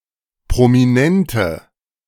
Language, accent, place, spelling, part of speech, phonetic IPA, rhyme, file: German, Germany, Berlin, prominente, adjective, [pʁomiˈnɛntə], -ɛntə, De-prominente.ogg
- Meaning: inflection of prominent: 1. strong/mixed nominative/accusative feminine singular 2. strong nominative/accusative plural 3. weak nominative all-gender singular